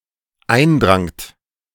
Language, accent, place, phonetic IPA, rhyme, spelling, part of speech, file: German, Germany, Berlin, [ˈaɪ̯nˌdʁaŋt], -aɪ̯ndʁaŋt, eindrangt, verb, De-eindrangt.ogg
- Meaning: second-person plural dependent preterite of eindringen